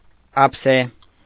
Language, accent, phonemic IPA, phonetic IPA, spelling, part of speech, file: Armenian, Eastern Armenian, /ɑpʰˈse/, [ɑpʰsé], ափսե, noun, Hy-ափսե.ogg
- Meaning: 1. plate 2. tray